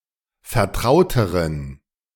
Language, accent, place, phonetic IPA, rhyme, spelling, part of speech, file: German, Germany, Berlin, [fɛɐ̯ˈtʁaʊ̯təʁən], -aʊ̯təʁən, vertrauteren, adjective, De-vertrauteren.ogg
- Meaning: inflection of vertraut: 1. strong genitive masculine/neuter singular comparative degree 2. weak/mixed genitive/dative all-gender singular comparative degree